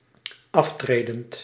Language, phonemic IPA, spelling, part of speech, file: Dutch, /ˈɑftredənt/, aftredend, verb / adjective, Nl-aftredend.ogg
- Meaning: present participle of aftreden